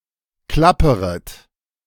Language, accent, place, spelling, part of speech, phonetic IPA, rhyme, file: German, Germany, Berlin, klapperet, verb, [ˈklapəʁət], -apəʁət, De-klapperet.ogg
- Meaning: second-person plural subjunctive I of klappern